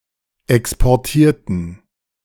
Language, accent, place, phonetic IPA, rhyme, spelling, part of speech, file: German, Germany, Berlin, [ˌɛkspɔʁˈtiːɐ̯tn̩], -iːɐ̯tn̩, exportierten, adjective / verb, De-exportierten.ogg
- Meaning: inflection of exportieren: 1. first/third-person plural preterite 2. first/third-person plural subjunctive II